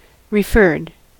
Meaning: simple past and past participle of refer
- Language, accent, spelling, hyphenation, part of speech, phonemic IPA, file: English, US, referred, re‧ferred, verb, /ɹɪˈfɝd/, En-us-referred.ogg